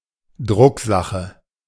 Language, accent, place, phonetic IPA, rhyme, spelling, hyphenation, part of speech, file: German, Germany, Berlin, [ˈdʀʊkˌzaχə], -aχə, Drucksache, Druck‧sa‧che, noun, De-Drucksache.ogg
- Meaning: 1. printed matter 2. business letter 3. circular